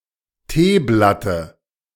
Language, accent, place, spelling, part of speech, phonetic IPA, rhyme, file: German, Germany, Berlin, Teeblatte, noun, [ˈteːˌblatə], -eːblatə, De-Teeblatte.ogg
- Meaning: dative of Teeblatt